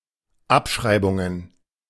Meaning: plural of Abschreibung
- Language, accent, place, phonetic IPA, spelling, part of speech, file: German, Germany, Berlin, [ˈapʃʁaɪ̯bʊŋən], Abschreibungen, noun, De-Abschreibungen.ogg